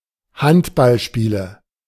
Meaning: 1. nominative/accusative/genitive plural of Handballspiel 2. dative of Handballspiel
- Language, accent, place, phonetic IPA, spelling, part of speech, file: German, Germany, Berlin, [ˈhantbalˌʃpiːlə], Handballspiele, noun, De-Handballspiele.ogg